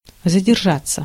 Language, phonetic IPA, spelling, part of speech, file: Russian, [zədʲɪrˈʐat͡sːə], задержаться, verb, Ru-задержаться.ogg
- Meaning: 1. to linger, to stay (too long) 2. to be late, to be delayed 3. to linger (on, over) 4. passive of задержа́ть (zaderžátʹ)